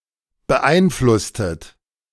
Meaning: inflection of beeinflussen: 1. second-person plural preterite 2. second-person plural subjunctive II
- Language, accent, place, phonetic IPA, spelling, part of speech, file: German, Germany, Berlin, [bəˈʔaɪ̯nˌflʊstət], beeinflusstet, verb, De-beeinflusstet.ogg